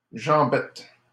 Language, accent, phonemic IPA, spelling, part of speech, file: French, Canada, /ʒɑ̃.bɛt/, jambette, noun, LL-Q150 (fra)-jambette.wav
- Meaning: 1. penknife 2. act of tripping